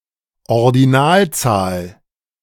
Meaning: 1. ordinal, ordinal number (generalized kind of number) 2. ordinal number, ordinal numeral
- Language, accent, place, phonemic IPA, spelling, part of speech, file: German, Germany, Berlin, /ɔʁdiˈnaːlˌt͡saːl/, Ordinalzahl, noun, De-Ordinalzahl.ogg